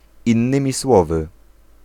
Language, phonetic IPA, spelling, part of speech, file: Polish, [ĩnˈːɨ̃mʲi ˈswɔvɨ], innymi słowy, particle, Pl-innymi słowy.ogg